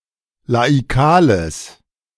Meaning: strong/mixed nominative/accusative neuter singular of laikal
- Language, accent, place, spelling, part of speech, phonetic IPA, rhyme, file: German, Germany, Berlin, laikales, adjective, [laiˈkaːləs], -aːləs, De-laikales.ogg